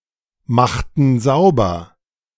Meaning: inflection of saubermachen: 1. first/third-person plural preterite 2. first/third-person plural subjunctive II
- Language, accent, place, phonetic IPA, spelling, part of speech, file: German, Germany, Berlin, [ˌmaxtn̩ ˈzaʊ̯bɐ], machten sauber, verb, De-machten sauber.ogg